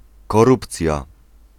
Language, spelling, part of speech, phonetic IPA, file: Polish, korupcja, noun, [kɔˈrupt͡sʲja], Pl-korupcja.ogg